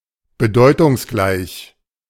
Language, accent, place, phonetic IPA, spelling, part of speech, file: German, Germany, Berlin, [bəˈdɔɪ̯tʊŋsˌɡlaɪ̯ç], bedeutungsgleich, adjective, De-bedeutungsgleich.ogg
- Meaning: synonymous